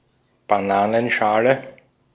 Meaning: banana peel, banana skin
- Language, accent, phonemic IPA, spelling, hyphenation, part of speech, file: German, Austria, /baˈnaːnənˌʃaːlə/, Bananenschale, Ba‧na‧nen‧scha‧le, noun, De-at-Bananenschale.ogg